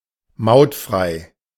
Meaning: toll-free
- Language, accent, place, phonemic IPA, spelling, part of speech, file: German, Germany, Berlin, /ˈmaʊ̯tˌfʁaɪ̯/, mautfrei, adjective, De-mautfrei.ogg